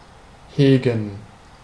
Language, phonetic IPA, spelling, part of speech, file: German, [ˈheːɡŋ], hegen, verb, De-hegen.ogg
- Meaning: 1. to cherish 2. to harbor, to have, to hold (e.g., doubts, a grudge, grievances)